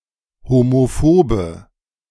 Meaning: inflection of homophob: 1. strong/mixed nominative/accusative feminine singular 2. strong nominative/accusative plural 3. weak nominative all-gender singular
- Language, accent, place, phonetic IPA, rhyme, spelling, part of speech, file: German, Germany, Berlin, [homoˈfoːbə], -oːbə, homophobe, adjective, De-homophobe.ogg